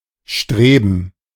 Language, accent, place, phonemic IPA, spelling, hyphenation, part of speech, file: German, Germany, Berlin, /ˈʃtʁeːbən/, Streben, Stre‧ben, noun, De-Streben.ogg
- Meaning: 1. gerund of streben 2. plural of Strebe